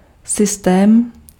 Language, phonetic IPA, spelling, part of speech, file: Czech, [ˈsɪstɛːm], systém, noun, Cs-systém.ogg
- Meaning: system